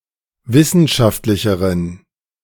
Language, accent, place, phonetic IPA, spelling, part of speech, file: German, Germany, Berlin, [ˈvɪsn̩ʃaftlɪçəʁən], wissenschaftlicheren, adjective, De-wissenschaftlicheren.ogg
- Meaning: inflection of wissenschaftlich: 1. strong genitive masculine/neuter singular comparative degree 2. weak/mixed genitive/dative all-gender singular comparative degree